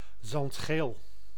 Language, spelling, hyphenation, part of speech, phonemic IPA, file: Dutch, zandgeel, zand‧geel, adjective, /zɑntˈxeːl/, Nl-zandgeel.ogg
- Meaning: sandy, sand-colored